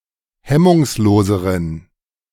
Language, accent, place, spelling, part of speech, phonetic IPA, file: German, Germany, Berlin, hemmungsloseren, adjective, [ˈhɛmʊŋsˌloːzəʁən], De-hemmungsloseren.ogg
- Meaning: inflection of hemmungslos: 1. strong genitive masculine/neuter singular comparative degree 2. weak/mixed genitive/dative all-gender singular comparative degree